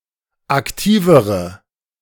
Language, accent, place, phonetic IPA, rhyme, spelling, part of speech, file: German, Germany, Berlin, [akˈtiːvəʁə], -iːvəʁə, aktivere, adjective, De-aktivere.ogg
- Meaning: inflection of aktiv: 1. strong/mixed nominative/accusative feminine singular comparative degree 2. strong nominative/accusative plural comparative degree